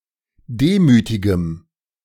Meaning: strong dative masculine/neuter singular of demütig
- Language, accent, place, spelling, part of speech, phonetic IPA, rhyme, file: German, Germany, Berlin, demütigem, adjective, [ˈdeːmyːtɪɡəm], -eːmyːtɪɡəm, De-demütigem.ogg